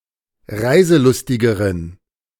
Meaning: inflection of reiselustig: 1. strong genitive masculine/neuter singular comparative degree 2. weak/mixed genitive/dative all-gender singular comparative degree
- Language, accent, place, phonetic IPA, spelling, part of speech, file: German, Germany, Berlin, [ˈʁaɪ̯zəˌlʊstɪɡəʁən], reiselustigeren, adjective, De-reiselustigeren.ogg